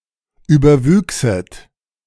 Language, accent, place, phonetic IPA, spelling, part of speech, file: German, Germany, Berlin, [ˌyːbɐˈvyːksət], überwüchset, verb, De-überwüchset.ogg
- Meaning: second-person plural subjunctive II of überwachsen